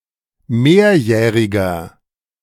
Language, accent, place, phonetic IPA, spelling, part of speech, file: German, Germany, Berlin, [ˈmeːɐ̯ˌjɛːʁɪɡɐ], mehrjähriger, adjective, De-mehrjähriger.ogg
- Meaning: inflection of mehrjährig: 1. strong/mixed nominative masculine singular 2. strong genitive/dative feminine singular 3. strong genitive plural